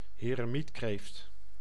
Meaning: hermit crab
- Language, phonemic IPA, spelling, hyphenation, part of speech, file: Dutch, /ɦeːrəˈmitkreːft/, heremietkreeft, he‧re‧miet‧kreeft, noun, Nl-heremietkreeft.ogg